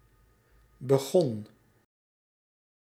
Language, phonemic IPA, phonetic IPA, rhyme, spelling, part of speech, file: Dutch, /bəˈɣɔn/, [bəˈxɔn], -ɔn, begon, verb, Nl-begon.ogg
- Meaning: singular past indicative of beginnen